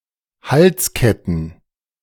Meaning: plural of Halskette
- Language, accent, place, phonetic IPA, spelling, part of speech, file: German, Germany, Berlin, [ˈhalsˌkɛtn̩], Halsketten, noun, De-Halsketten.ogg